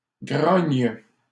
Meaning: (noun) 1. grunt (sound of a pig) 2. growl, grunt (snorting sound made by a human, e.g. in disapproval)
- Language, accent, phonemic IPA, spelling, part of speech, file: French, Canada, /ɡʁɔɲ/, grogne, noun / verb, LL-Q150 (fra)-grogne.wav